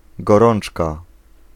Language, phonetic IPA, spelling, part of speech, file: Polish, [ɡɔˈrɔ̃n͇t͡ʃka], gorączka, noun, Pl-gorączka.ogg